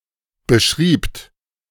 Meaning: second-person plural preterite of beschreiben
- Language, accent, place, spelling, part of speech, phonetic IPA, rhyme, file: German, Germany, Berlin, beschriebt, verb, [bəˈʃʁiːpt], -iːpt, De-beschriebt.ogg